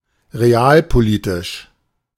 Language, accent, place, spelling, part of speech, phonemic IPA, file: German, Germany, Berlin, realpolitisch, adjective, /ʁeˈaːlpoˌliːtɪʃ/, De-realpolitisch.ogg
- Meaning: realpolitikal